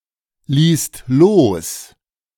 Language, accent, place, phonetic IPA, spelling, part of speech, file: German, Germany, Berlin, [ˌliːst ˈloːs], ließt los, verb, De-ließt los.ogg
- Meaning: second-person singular/plural preterite of loslassen